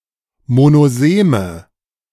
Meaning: inflection of monosem: 1. strong/mixed nominative/accusative feminine singular 2. strong nominative/accusative plural 3. weak nominative all-gender singular 4. weak accusative feminine/neuter singular
- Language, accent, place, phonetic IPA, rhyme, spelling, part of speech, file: German, Germany, Berlin, [monoˈzeːmə], -eːmə, monoseme, adjective, De-monoseme.ogg